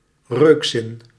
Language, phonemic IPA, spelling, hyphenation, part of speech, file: Dutch, /ˈrøːk.zɪn/, reukzin, reuk‧zin, noun, Nl-reukzin.ogg
- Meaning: sense of smell